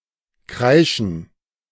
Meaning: 1. to squeal, to shriek, to scream 2. to screech 3. to cry, to weep 4. to squawk
- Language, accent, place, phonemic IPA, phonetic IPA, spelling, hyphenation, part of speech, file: German, Germany, Berlin, /ˈkʁaɪ̯ʃən/, [ˈkʁaɪ̯ʃn̩], kreischen, krei‧schen, verb, De-kreischen.ogg